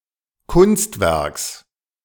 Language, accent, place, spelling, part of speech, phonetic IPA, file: German, Germany, Berlin, Kunstwerks, noun, [ˈkʊnstˌvɛʁks], De-Kunstwerks.ogg
- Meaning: genitive singular of Kunstwerk